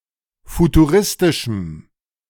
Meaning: strong dative masculine/neuter singular of futuristisch
- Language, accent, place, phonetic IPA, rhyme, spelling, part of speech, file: German, Germany, Berlin, [futuˈʁɪstɪʃm̩], -ɪstɪʃm̩, futuristischem, adjective, De-futuristischem.ogg